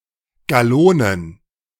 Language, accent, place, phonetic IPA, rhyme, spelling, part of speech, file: German, Germany, Berlin, [ɡaˈloːnən], -oːnən, Gallonen, noun, De-Gallonen.ogg
- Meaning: plural of Gallone